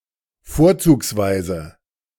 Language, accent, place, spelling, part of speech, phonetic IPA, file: German, Germany, Berlin, vorzugsweise, adverb, [ˈfoːɐ̯t͡suːksˌvaɪ̯zə], De-vorzugsweise.ogg
- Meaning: preferably